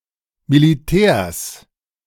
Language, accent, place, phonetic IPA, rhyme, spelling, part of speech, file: German, Germany, Berlin, [miliˈtɛːɐ̯s], -ɛːɐ̯s, Militärs, noun, De-Militärs.ogg
- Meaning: genitive singular of Militär